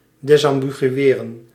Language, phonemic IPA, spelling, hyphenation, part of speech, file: Dutch, /ˌdɛsɑmbiɣyˈeːrə(n)/, desambigueren, des‧am‧bi‧gu‧e‧ren, verb, Nl-desambigueren.ogg
- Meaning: to disambiguate